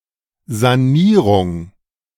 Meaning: 1. renovation, redevelopment, refurbishment 2. rehabilitation, remediation
- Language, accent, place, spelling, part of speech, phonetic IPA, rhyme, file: German, Germany, Berlin, Sanierung, noun, [zaˈniːʁʊŋ], -iːʁʊŋ, De-Sanierung.ogg